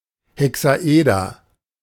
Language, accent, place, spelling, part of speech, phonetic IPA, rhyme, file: German, Germany, Berlin, Hexaeder, noun, [hɛksaˈʔeːdɐ], -eːdɐ, De-Hexaeder.ogg
- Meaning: hexahedron